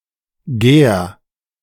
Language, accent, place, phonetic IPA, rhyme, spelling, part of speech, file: German, Germany, Berlin, [ɡɛːɐ̯], -ɛːɐ̯, gär, verb, De-gär.ogg
- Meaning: singular imperative of gären